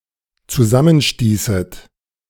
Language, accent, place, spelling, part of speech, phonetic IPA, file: German, Germany, Berlin, zusammenstießet, verb, [t͡suˈzamənˌʃtiːsət], De-zusammenstießet.ogg
- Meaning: second-person plural dependent subjunctive II of zusammenstoßen